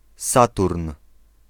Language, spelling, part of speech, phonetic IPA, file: Polish, Saturn, proper noun, [ˈsaturn], Pl-Saturn.ogg